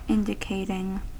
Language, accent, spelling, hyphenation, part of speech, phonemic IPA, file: English, US, indicating, in‧di‧cat‧ing, verb, /ˈɪndɪkeɪtɪŋ/, En-us-indicating.ogg
- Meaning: present participle and gerund of indicate